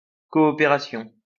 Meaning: obsolete spelling of coopération
- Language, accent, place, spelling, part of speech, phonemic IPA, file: French, France, Lyon, coöpération, noun, /kɔ.ɔ.pe.ʁa.sjɔ̃/, LL-Q150 (fra)-coöpération.wav